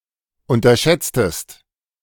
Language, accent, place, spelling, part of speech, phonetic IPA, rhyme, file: German, Germany, Berlin, unterschätztest, verb, [ˌʊntɐˈʃɛt͡stəst], -ɛt͡stəst, De-unterschätztest.ogg
- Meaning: inflection of unterschätzen: 1. second-person singular preterite 2. second-person singular subjunctive II